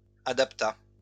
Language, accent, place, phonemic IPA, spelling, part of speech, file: French, France, Lyon, /a.dap.ta/, adapta, verb, LL-Q150 (fra)-adapta.wav
- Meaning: third-person singular past historic of adapter